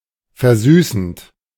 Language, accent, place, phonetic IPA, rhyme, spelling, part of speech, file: German, Germany, Berlin, [fɛɐ̯ˈzyːsn̩t], -yːsn̩t, versüßend, verb, De-versüßend.ogg
- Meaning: present participle of versüßen